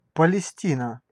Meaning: Palestine
- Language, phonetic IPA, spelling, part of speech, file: Russian, [pəlʲɪˈsʲtʲinə], Палестина, proper noun, Ru-Палестина.ogg